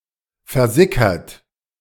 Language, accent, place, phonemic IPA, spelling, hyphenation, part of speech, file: German, Germany, Berlin, /fɛɐ̯ˈzɪkɐt/, versickert, ver‧si‧ckert, verb / adjective, De-versickert.ogg
- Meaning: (verb) past participle of versickern; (adjective) 1. percolated 2. slowly disappeared; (verb) inflection of versickern: 1. third-person singular present 2. second-person plural present